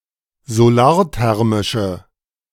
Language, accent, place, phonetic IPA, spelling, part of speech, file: German, Germany, Berlin, [zoˈlaːɐ̯ˌtɛʁmɪʃə], solarthermische, adjective, De-solarthermische.ogg
- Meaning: inflection of solarthermisch: 1. strong/mixed nominative/accusative feminine singular 2. strong nominative/accusative plural 3. weak nominative all-gender singular